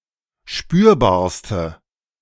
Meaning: inflection of spürbar: 1. strong/mixed nominative/accusative feminine singular superlative degree 2. strong nominative/accusative plural superlative degree
- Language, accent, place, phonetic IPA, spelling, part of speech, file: German, Germany, Berlin, [ˈʃpyːɐ̯baːɐ̯stə], spürbarste, adjective, De-spürbarste.ogg